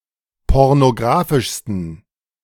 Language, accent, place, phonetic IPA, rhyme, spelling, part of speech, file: German, Germany, Berlin, [ˌpɔʁnoˈɡʁaːfɪʃstn̩], -aːfɪʃstn̩, pornografischsten, adjective, De-pornografischsten.ogg
- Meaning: 1. superlative degree of pornografisch 2. inflection of pornografisch: strong genitive masculine/neuter singular superlative degree